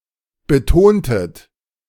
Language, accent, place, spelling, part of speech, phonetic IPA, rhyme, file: German, Germany, Berlin, betontet, verb, [bəˈtoːntət], -oːntət, De-betontet.ogg
- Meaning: inflection of betonen: 1. second-person plural preterite 2. second-person plural subjunctive II